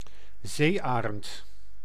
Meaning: 1. white-tailed eagle, sea eagle (Haliaeetus albicilla, species or individual) 2. several marine eagles of the genus Haliaeetus
- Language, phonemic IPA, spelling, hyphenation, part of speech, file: Dutch, /ˈzeːˌaː.rənt/, zeearend, zee‧arend, noun, Nl-zeearend.ogg